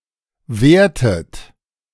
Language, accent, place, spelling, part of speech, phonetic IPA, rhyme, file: German, Germany, Berlin, wertet, verb, [ˈveːɐ̯tət], -eːɐ̯tət, De-wertet.ogg
- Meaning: inflection of werten: 1. second-person plural present 2. second-person plural subjunctive I 3. third-person singular present 4. plural imperative